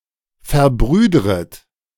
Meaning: second-person plural subjunctive I of verbrüdern
- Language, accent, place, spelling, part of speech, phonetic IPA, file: German, Germany, Berlin, verbrüdret, verb, [fɛɐ̯ˈbʁyːdʁət], De-verbrüdret.ogg